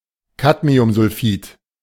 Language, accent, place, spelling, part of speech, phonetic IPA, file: German, Germany, Berlin, Cadmiumsulfid, noun, [ˈkadmiʊmzʊlˌfiːt], De-Cadmiumsulfid.ogg
- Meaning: cadmium sulfide